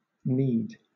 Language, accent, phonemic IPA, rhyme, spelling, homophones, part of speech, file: English, Southern England, /niːd/, -iːd, kneed, knead / need, adjective / verb, LL-Q1860 (eng)-kneed.wav
- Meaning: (adjective) 1. Having a knee or knees, or, in combination, the stated type of knee or knees 2. Having angular joints like the knee; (verb) simple past and past participle of knee